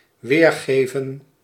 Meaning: 1. to give back 2. to render, interpret 3. to display, to reproduce
- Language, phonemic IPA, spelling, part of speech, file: Dutch, /ˈʋeːrˌɣeːvə(n)/, weergeven, verb, Nl-weergeven.ogg